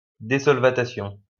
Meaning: desolvation
- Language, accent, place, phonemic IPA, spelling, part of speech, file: French, France, Lyon, /de.sɔl.va.ta.sjɔ̃/, désolvatation, noun, LL-Q150 (fra)-désolvatation.wav